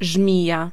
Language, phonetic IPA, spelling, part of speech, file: Polish, [ˈʒmʲija], żmija, noun, Pl-żmija.ogg